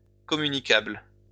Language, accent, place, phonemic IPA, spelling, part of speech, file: French, France, Lyon, /kɔ.my.ni.kabl/, communicable, adjective, LL-Q150 (fra)-communicable.wav
- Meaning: communicable